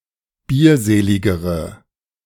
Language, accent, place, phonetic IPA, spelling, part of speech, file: German, Germany, Berlin, [ˈbiːɐ̯ˌzeːlɪɡəʁə], bierseligere, adjective, De-bierseligere.ogg
- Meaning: inflection of bierselig: 1. strong/mixed nominative/accusative feminine singular comparative degree 2. strong nominative/accusative plural comparative degree